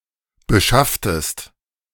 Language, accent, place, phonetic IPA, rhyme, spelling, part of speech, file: German, Germany, Berlin, [bəˈʃaftəst], -aftəst, beschafftest, verb, De-beschafftest.ogg
- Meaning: inflection of beschaffen: 1. second-person singular preterite 2. second-person singular subjunctive II